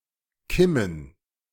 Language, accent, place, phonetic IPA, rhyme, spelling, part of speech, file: German, Germany, Berlin, [ˈkɪmən], -ɪmən, Kimmen, noun, De-Kimmen.ogg
- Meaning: plural of Kimme